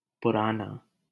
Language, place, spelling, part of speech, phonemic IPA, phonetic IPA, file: Hindi, Delhi, पुराना, adjective, /pʊ.ɾɑː.nɑː/, [pʊ.ɾäː.näː], LL-Q1568 (hin)-पुराना.wav
- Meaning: 1. old (not of biological age) 2. ancient 3. long-standing, old